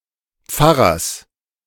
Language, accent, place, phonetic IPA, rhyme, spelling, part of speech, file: German, Germany, Berlin, [ˈp͡faʁɐs], -aʁɐs, Pfarrers, noun, De-Pfarrers.ogg
- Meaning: genitive singular of Pfarrer